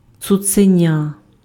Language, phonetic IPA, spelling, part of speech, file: Ukrainian, [t͡sʊt͡seˈnʲa], цуценя, noun, Uk-цуценя.ogg
- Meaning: puppy